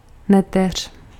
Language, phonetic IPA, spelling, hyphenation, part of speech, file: Czech, [ˈnɛtɛr̝̊], neteř, ne‧teř, noun, Cs-neteř.ogg
- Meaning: niece